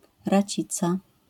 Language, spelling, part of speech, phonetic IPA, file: Polish, racica, noun, [raˈt͡ɕit͡sa], LL-Q809 (pol)-racica.wav